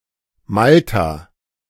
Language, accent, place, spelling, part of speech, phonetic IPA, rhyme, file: German, Germany, Berlin, Malta, proper noun, [ˈmalta], -alta, De-Malta.ogg
- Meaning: 1. Malta (an archipelago and country in Southern Europe, in the Mediterranean Sea) 2. Malta (the largest island in the Maltese Archipelago)